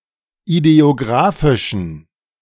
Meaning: inflection of ideographisch: 1. strong genitive masculine/neuter singular 2. weak/mixed genitive/dative all-gender singular 3. strong/weak/mixed accusative masculine singular 4. strong dative plural
- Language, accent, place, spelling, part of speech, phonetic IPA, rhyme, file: German, Germany, Berlin, ideographischen, adjective, [ideoˈɡʁaːfɪʃn̩], -aːfɪʃn̩, De-ideographischen.ogg